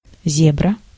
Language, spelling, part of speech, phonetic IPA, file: Russian, зебра, noun, [ˈzʲebrə], Ru-зебра.ogg
- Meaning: 1. zebra 2. zebra crossing (a pedestrian crosswalk)